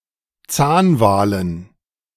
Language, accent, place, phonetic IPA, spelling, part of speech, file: German, Germany, Berlin, [ˈt͡saːnˌvaːlən], Zahnwalen, noun, De-Zahnwalen.ogg
- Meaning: dative plural of Zahnwal